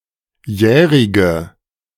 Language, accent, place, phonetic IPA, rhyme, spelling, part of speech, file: German, Germany, Berlin, [ˈjɛːʁɪɡə], -ɛːʁɪɡə, jährige, adjective, De-jährige.ogg
- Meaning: inflection of jährig: 1. strong/mixed nominative/accusative feminine singular 2. strong nominative/accusative plural 3. weak nominative all-gender singular 4. weak accusative feminine/neuter singular